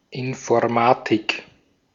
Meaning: 1. computer science 2. information technology 3. informatics, information science
- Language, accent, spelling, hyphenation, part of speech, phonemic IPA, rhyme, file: German, Austria, Informatik, In‧for‧ma‧tik, noun, /ɪnfɔɐ̯ˈmaːtɪk/, -aːtɪk, De-at-Informatik.ogg